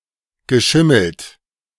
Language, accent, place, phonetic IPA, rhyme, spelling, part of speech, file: German, Germany, Berlin, [ɡəˈʃɪml̩t], -ɪml̩t, geschimmelt, verb, De-geschimmelt.ogg
- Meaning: past participle of schimmeln